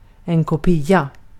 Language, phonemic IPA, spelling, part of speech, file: Swedish, /kʊ²piːa/, kopia, noun, Sv-kopia.ogg
- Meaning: a copy, a reproduction, a duplicate